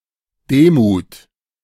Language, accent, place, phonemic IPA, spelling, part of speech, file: German, Germany, Berlin, /ˈdeːˌmuːt/, Demut, noun, De-Demut.ogg
- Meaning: humility, meekness (comprehension or expression of one’s own lowliness)